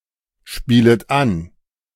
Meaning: second-person plural subjunctive I of anspielen
- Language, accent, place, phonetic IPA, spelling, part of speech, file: German, Germany, Berlin, [ˌʃpiːlət ˈan], spielet an, verb, De-spielet an.ogg